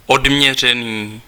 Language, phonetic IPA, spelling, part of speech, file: Czech, [ˈodm̩ɲɛr̝ɛniː], odměřený, adjective, Cs-odměřený.ogg
- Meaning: reserved (slow to reveal emotion or opinions)